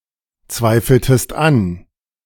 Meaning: inflection of anzweifeln: 1. second-person singular preterite 2. second-person singular subjunctive II
- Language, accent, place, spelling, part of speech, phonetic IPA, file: German, Germany, Berlin, zweifeltest an, verb, [ˌt͡svaɪ̯fl̩təst ˈan], De-zweifeltest an.ogg